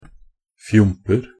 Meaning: indefinite plural of fjomp
- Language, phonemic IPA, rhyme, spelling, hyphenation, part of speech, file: Norwegian Bokmål, /ˈfjʊmpər/, -ər, fjomper, fjomp‧er, noun, Nb-fjomper.ogg